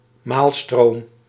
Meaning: 1. an aquatic vortex, maelstrom, large whirlpool; especially a tidal vortex 2. any kind of vortex
- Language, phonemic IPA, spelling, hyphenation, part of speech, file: Dutch, /ˈmaːl.stroːm/, maalstroom, maal‧stroom, noun, Nl-maalstroom.ogg